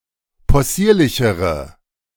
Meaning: inflection of possierlich: 1. strong/mixed nominative/accusative feminine singular comparative degree 2. strong nominative/accusative plural comparative degree
- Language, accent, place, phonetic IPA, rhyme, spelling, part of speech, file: German, Germany, Berlin, [pɔˈsiːɐ̯lɪçəʁə], -iːɐ̯lɪçəʁə, possierlichere, adjective, De-possierlichere.ogg